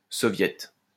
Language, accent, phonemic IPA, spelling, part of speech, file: French, France, /sɔ.vjɛt/, soviet, noun, LL-Q150 (fra)-soviet.wav
- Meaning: soviet (council)